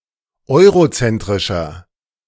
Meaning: 1. comparative degree of eurozentrisch 2. inflection of eurozentrisch: strong/mixed nominative masculine singular 3. inflection of eurozentrisch: strong genitive/dative feminine singular
- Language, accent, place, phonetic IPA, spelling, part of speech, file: German, Germany, Berlin, [ˈɔɪ̯ʁoˌt͡sɛntʁɪʃɐ], eurozentrischer, adjective, De-eurozentrischer.ogg